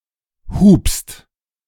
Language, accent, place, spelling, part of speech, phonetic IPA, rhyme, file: German, Germany, Berlin, hupst, verb, [huːpst], -uːpst, De-hupst.ogg
- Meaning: second-person singular present of hupen